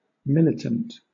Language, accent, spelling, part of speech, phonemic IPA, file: English, Southern England, militant, adjective / noun, /ˈmɪlɪtənt/, LL-Q1860 (eng)-militant.wav
- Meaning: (adjective) 1. Fighting or disposed to fight; belligerent, warlike 2. Aggressively supporting of an idea, group, political or social cause, etc.; adamant, combative; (noun) A soldier, a combatant